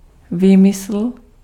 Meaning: fiction, invention (account not based on facts)
- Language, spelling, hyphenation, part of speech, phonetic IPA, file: Czech, výmysl, vý‧my‧sl, noun, [ˈviːmɪsl̩], Cs-výmysl.ogg